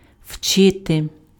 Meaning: 1. to teach (with person in accusative case + noun in genitive case or + infinitive) 2. to learn
- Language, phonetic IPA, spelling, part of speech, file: Ukrainian, [ˈʍt͡ʃɪte], вчити, verb, Uk-вчити.ogg